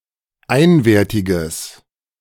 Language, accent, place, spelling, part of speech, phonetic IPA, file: German, Germany, Berlin, einwertiges, adjective, [ˈaɪ̯nveːɐ̯tɪɡəs], De-einwertiges.ogg
- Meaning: strong/mixed nominative/accusative neuter singular of einwertig